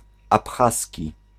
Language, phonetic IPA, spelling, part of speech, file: Polish, [apˈxasʲci], abchaski, adjective / noun, Pl-abchaski.ogg